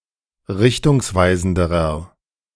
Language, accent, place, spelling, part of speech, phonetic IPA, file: German, Germany, Berlin, richtungsweisenderer, adjective, [ˈʁɪçtʊŋsˌvaɪ̯zn̩dəʁɐ], De-richtungsweisenderer.ogg
- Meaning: inflection of richtungsweisend: 1. strong/mixed nominative masculine singular comparative degree 2. strong genitive/dative feminine singular comparative degree